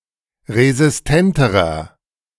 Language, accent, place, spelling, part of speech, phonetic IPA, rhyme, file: German, Germany, Berlin, resistenterer, adjective, [ʁezɪsˈtɛntəʁɐ], -ɛntəʁɐ, De-resistenterer.ogg
- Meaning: inflection of resistent: 1. strong/mixed nominative masculine singular comparative degree 2. strong genitive/dative feminine singular comparative degree 3. strong genitive plural comparative degree